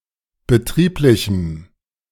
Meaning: strong dative masculine/neuter singular of betrieblich
- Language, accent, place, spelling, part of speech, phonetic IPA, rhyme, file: German, Germany, Berlin, betrieblichem, adjective, [bəˈtʁiːplɪçm̩], -iːplɪçm̩, De-betrieblichem.ogg